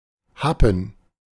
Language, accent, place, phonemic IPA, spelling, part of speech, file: German, Germany, Berlin, /ˈhapən/, Happen, noun, De-Happen.ogg
- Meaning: 1. morsel 2. snack